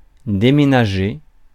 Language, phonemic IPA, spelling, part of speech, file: French, /de.me.na.ʒe/, déménager, verb, Fr-déménager.ogg
- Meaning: 1. to move (an object from a place to another) 2. to move house 3. to move out 4. to move an object as part of moving house 5. to kick ass, to kick butt, to rock, to rule (to be awesome)